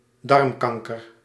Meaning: colorectal cancer, bowel cancer
- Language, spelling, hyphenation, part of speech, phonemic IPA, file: Dutch, darmkanker, darm‧kan‧ker, noun, /ˈdɑrmˌkɑŋ.kər/, Nl-darmkanker.ogg